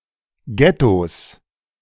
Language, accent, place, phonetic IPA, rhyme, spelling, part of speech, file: German, Germany, Berlin, [ˈɡɛtos], -ɛtos, Ghettos, noun, De-Ghettos.ogg
- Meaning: 1. genitive singular of Ghetto 2. plural of Ghetto